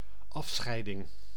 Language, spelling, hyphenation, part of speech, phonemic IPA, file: Dutch, afscheiding, af‧schei‧ding, noun, /ˈɑfˌsxɛi̯.dɪŋ/, Nl-afscheiding.ogg
- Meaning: 1. separation 2. discharge 3. secretion